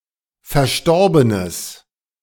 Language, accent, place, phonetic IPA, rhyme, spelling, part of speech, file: German, Germany, Berlin, [fɛɐ̯ˈʃtɔʁbənəs], -ɔʁbənəs, verstorbenes, adjective, De-verstorbenes.ogg
- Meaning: strong/mixed nominative/accusative neuter singular of verstorben